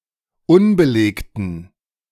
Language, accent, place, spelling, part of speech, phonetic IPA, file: German, Germany, Berlin, unbelegten, adjective, [ˈʊnbəˌleːktn̩], De-unbelegten.ogg
- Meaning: inflection of unbelegt: 1. strong genitive masculine/neuter singular 2. weak/mixed genitive/dative all-gender singular 3. strong/weak/mixed accusative masculine singular 4. strong dative plural